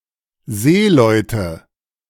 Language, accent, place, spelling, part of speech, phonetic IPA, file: German, Germany, Berlin, Seeleute, noun, [ˈzeːlɔɪ̯tə], De-Seeleute.ogg
- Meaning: nominative/accusative/genitive plural of Seemann